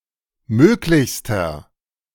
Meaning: inflection of möglich: 1. strong/mixed nominative masculine singular superlative degree 2. strong genitive/dative feminine singular superlative degree 3. strong genitive plural superlative degree
- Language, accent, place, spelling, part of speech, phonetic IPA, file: German, Germany, Berlin, möglichster, adjective, [ˈmøːklɪçstɐ], De-möglichster.ogg